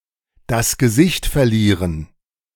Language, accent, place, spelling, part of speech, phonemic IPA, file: German, Germany, Berlin, das Gesicht verlieren, verb, /das ɡəˈzɪçt fɛɐ̯ˌliːʁən/, De-das Gesicht verlieren.ogg
- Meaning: to lose face